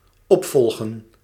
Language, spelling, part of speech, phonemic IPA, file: Dutch, opvolgen, verb, /ˈɔpfɔlɣə(n)/, Nl-opvolgen.ogg
- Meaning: 1. to succeed (come after, be next in line to) 2. to succeed, take office after the previous incumbent 3. to follow up, keep track